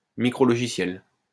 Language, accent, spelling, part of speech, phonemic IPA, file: French, France, micrologiciel, noun, /mi.kʁɔ.lɔ.ʒi.sjɛl/, LL-Q150 (fra)-micrologiciel.wav
- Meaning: firmware